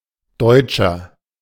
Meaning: 1. German (male or unspecified) 2. inflection of Deutsche: strong genitive/dative singular 3. inflection of Deutsche: strong genitive plural
- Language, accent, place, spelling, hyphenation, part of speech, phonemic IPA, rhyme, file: German, Germany, Berlin, Deutscher, Deut‧scher, noun, /ˈdɔɪ̯t͡ʃɐ/, -ɔɪ̯t͡ʃɐ, De-Deutscher.ogg